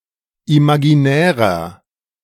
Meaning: inflection of imaginär: 1. strong/mixed nominative masculine singular 2. strong genitive/dative feminine singular 3. strong genitive plural
- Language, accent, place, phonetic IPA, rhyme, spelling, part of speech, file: German, Germany, Berlin, [imaɡiˈnɛːʁɐ], -ɛːʁɐ, imaginärer, adjective, De-imaginärer.ogg